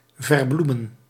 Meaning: 1. to veil, soften by euphemistic phrasing 2. to excuse, treat apologetically 3. to mask, hide (something unpleasant) 4. to avoid, suppress, leave unspoken 5. to personify
- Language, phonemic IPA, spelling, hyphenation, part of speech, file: Dutch, /ˌvərˈblu.mə(n)/, verbloemen, ver‧bloe‧men, verb, Nl-verbloemen.ogg